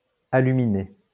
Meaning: past participle of aluminer
- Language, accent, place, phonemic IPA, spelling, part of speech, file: French, France, Lyon, /a.ly.mi.ne/, aluminé, verb, LL-Q150 (fra)-aluminé.wav